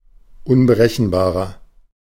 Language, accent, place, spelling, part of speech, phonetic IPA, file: German, Germany, Berlin, unberechenbarer, adjective, [ʊnbəˈʁɛçn̩baːʁɐ], De-unberechenbarer.ogg
- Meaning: 1. comparative degree of unberechenbar 2. inflection of unberechenbar: strong/mixed nominative masculine singular 3. inflection of unberechenbar: strong genitive/dative feminine singular